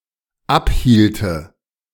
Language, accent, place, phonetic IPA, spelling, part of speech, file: German, Germany, Berlin, [ˈapˌhiːltə], abhielte, verb, De-abhielte.ogg
- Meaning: first/third-person singular dependent subjunctive II of abhalten